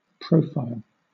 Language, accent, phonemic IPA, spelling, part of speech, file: English, Southern England, /ˈpɹəʊ.faɪl/, profile, noun / verb, LL-Q1860 (eng)-profile.wav
- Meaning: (noun) 1. The outermost shape, view, or edge of an object 2. The shape, view, or shadow of a person's head from the side; a side view